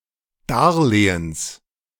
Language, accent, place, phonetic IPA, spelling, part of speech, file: German, Germany, Berlin, [ˈdaʁˌleːəns], Darlehens, noun, De-Darlehens.ogg
- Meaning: genitive singular of Darlehen